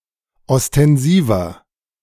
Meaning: 1. comparative degree of ostensiv 2. inflection of ostensiv: strong/mixed nominative masculine singular 3. inflection of ostensiv: strong genitive/dative feminine singular
- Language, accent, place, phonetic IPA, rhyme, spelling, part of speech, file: German, Germany, Berlin, [ɔstɛnˈziːvɐ], -iːvɐ, ostensiver, adjective, De-ostensiver.ogg